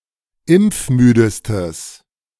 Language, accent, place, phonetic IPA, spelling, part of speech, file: German, Germany, Berlin, [ˈɪmp͡fˌmyːdəstəs], impfmüdestes, adjective, De-impfmüdestes.ogg
- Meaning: strong/mixed nominative/accusative neuter singular superlative degree of impfmüde